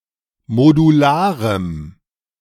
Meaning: strong dative masculine/neuter singular of modular
- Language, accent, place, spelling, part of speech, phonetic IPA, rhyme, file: German, Germany, Berlin, modularem, adjective, [moduˈlaːʁəm], -aːʁəm, De-modularem.ogg